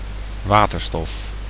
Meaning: hydrogen
- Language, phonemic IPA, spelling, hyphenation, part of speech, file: Dutch, /ˈʋaː.tərˌstɔf/, waterstof, wa‧ter‧stof, noun, Nl-waterstof.ogg